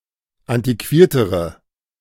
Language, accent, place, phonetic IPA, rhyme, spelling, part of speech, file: German, Germany, Berlin, [ˌantiˈkviːɐ̯təʁə], -iːɐ̯təʁə, antiquiertere, adjective, De-antiquiertere.ogg
- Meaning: inflection of antiquiert: 1. strong/mixed nominative/accusative feminine singular comparative degree 2. strong nominative/accusative plural comparative degree